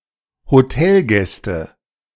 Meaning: nominative/accusative/genitive plural of Hotelgast
- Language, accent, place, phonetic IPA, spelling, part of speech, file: German, Germany, Berlin, [hoˈtɛlˌɡɛstə], Hotelgäste, noun, De-Hotelgäste.ogg